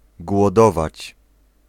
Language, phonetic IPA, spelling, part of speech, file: Polish, [ɡwɔˈdɔvat͡ɕ], głodować, verb, Pl-głodować.ogg